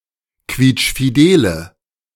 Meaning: inflection of quietschfidel: 1. strong/mixed nominative/accusative feminine singular 2. strong nominative/accusative plural 3. weak nominative all-gender singular
- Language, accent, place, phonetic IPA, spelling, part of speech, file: German, Germany, Berlin, [ˈkviːt͡ʃfiˌdeːlə], quietschfidele, adjective, De-quietschfidele.ogg